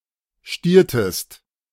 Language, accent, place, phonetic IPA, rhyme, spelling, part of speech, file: German, Germany, Berlin, [ˈʃtiːɐ̯təst], -iːɐ̯təst, stiertest, verb, De-stiertest.ogg
- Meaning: inflection of stieren: 1. second-person singular preterite 2. second-person singular subjunctive II